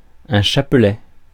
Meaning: 1. wreath (of flowers) 2. rosary, prayer beads 3. string, hatful (of objects, ideas etc.)
- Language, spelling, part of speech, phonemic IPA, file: French, chapelet, noun, /ʃa.plɛ/, Fr-chapelet.ogg